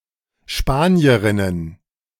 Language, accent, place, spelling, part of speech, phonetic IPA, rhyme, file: German, Germany, Berlin, Spanierinnen, noun, [ˈʃpaːni̯əʁɪnən], -aːni̯əʁɪnən, De-Spanierinnen.ogg
- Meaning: plural of Spanierin